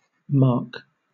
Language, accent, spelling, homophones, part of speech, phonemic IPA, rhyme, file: English, Southern England, marque, mark / Mark, noun, /ˈmɑː(ɹ)k/, -ɑː(ɹ)k, LL-Q1860 (eng)-marque.wav
- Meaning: A brand of a manufactured product, especially of a motor car